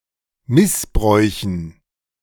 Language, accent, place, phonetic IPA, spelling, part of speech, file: German, Germany, Berlin, [ˈmɪsˌbʁɔɪ̯çn̩], Missbräuchen, noun, De-Missbräuchen.ogg
- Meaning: dative plural of Missbrauch